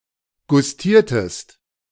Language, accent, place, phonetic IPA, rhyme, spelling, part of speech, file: German, Germany, Berlin, [ɡʊsˈtiːɐ̯təst], -iːɐ̯təst, gustiertest, verb, De-gustiertest.ogg
- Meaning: inflection of gustieren: 1. second-person singular preterite 2. second-person singular subjunctive II